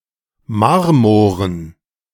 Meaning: dative plural of Marmor
- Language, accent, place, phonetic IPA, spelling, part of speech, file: German, Germany, Berlin, [ˈmaʁmoːʁən], Marmoren, noun, De-Marmoren.ogg